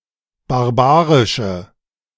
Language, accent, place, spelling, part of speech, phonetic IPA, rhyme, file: German, Germany, Berlin, barbarische, adjective, [baʁˈbaːʁɪʃə], -aːʁɪʃə, De-barbarische.ogg
- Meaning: inflection of barbarisch: 1. strong/mixed nominative/accusative feminine singular 2. strong nominative/accusative plural 3. weak nominative all-gender singular